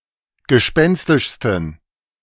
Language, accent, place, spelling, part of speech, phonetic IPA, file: German, Germany, Berlin, gespenstischsten, adjective, [ɡəˈʃpɛnstɪʃstn̩], De-gespenstischsten.ogg
- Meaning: 1. superlative degree of gespenstisch 2. inflection of gespenstisch: strong genitive masculine/neuter singular superlative degree